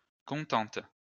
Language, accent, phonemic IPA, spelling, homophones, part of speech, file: French, France, /kɔ̃.tɑ̃t/, contentes, contente, adjective, LL-Q150 (fra)-contentes.wav
- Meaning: feminine plural of content